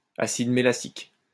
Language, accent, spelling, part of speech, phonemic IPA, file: French, France, acide mélassique, noun, /a.sid me.la.sik/, LL-Q150 (fra)-acide mélassique.wav
- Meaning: melassic acid